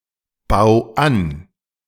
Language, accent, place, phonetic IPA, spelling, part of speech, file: German, Germany, Berlin, [ˌbaʊ̯ ˈan], bau an, verb, De-bau an.ogg
- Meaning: 1. singular imperative of anbauen 2. first-person singular present of anbauen